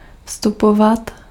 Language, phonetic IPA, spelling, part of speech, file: Czech, [ˈfstupovat], vstupovat, verb, Cs-vstupovat.ogg
- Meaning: imperfective form of vstoupit